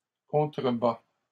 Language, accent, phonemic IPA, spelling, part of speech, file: French, Canada, /kɔ̃.tʁə.ba/, contrebat, verb, LL-Q150 (fra)-contrebat.wav
- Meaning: third-person singular present indicative of contrebattre